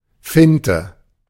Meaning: 1. feint 2. twait shad, Alosa fallax
- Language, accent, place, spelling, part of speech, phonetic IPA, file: German, Germany, Berlin, Finte, noun, [ˈfɪntə], De-Finte.ogg